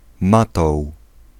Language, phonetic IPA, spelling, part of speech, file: Polish, [ˈmatɔw], matoł, noun, Pl-matoł.ogg